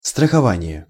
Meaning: insurance (business)
- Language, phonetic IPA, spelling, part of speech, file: Russian, [strəxɐˈvanʲɪje], страхование, noun, Ru-страхование.ogg